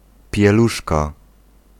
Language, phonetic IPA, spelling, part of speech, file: Polish, [pʲjɛˈluʃka], pieluszka, noun, Pl-pieluszka.ogg